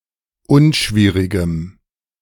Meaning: strong dative masculine/neuter singular of unschwierig
- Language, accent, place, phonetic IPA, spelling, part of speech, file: German, Germany, Berlin, [ˈʊnˌʃviːʁɪɡəm], unschwierigem, adjective, De-unschwierigem.ogg